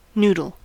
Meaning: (noun) A string or flat strip of pasta or other dough, usually cooked (at least initially) by boiling, and served in soup or in a dry form mixed with a sauce and other ingredients
- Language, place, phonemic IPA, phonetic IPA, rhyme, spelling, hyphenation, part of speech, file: English, California, /ˈnu.dəl/, [ˈnuː.dl̩], -uːdəl, noodle, nood‧le, noun / verb, En-us-noodle.ogg